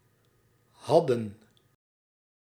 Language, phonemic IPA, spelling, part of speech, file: Dutch, /ˈɦɑ.də(n)/, hadden, verb, Nl-hadden.ogg
- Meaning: inflection of hebben: 1. plural past indicative 2. plural past subjunctive